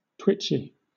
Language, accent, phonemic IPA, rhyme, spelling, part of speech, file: English, Southern England, /ˈtwɪt͡ʃi/, -ɪtʃi, twitchy, adjective, LL-Q1860 (eng)-twitchy.wav
- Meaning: 1. susceptible to twitching a lot 2. irritable, cranky, nervous, anxious, worried